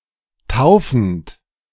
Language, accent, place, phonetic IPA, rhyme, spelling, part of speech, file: German, Germany, Berlin, [ˈtaʊ̯fn̩t], -aʊ̯fn̩t, taufend, verb, De-taufend.ogg
- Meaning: present participle of taufen